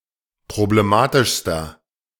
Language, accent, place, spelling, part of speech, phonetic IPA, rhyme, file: German, Germany, Berlin, problematischster, adjective, [pʁobleˈmaːtɪʃstɐ], -aːtɪʃstɐ, De-problematischster.ogg
- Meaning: inflection of problematisch: 1. strong/mixed nominative masculine singular superlative degree 2. strong genitive/dative feminine singular superlative degree